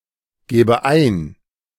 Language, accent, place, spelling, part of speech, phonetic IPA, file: German, Germany, Berlin, gebe ein, verb, [ˌɡeːbə ˈaɪ̯n], De-gebe ein.ogg
- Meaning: inflection of eingeben: 1. first-person singular present 2. first/third-person singular subjunctive I